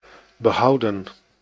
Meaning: 1. to save, keep 2. to preserve 3. past participle of behouden
- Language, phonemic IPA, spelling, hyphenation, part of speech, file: Dutch, /bəˈɦɑu̯də(n)/, behouden, be‧hou‧den, verb, Nl-behouden.ogg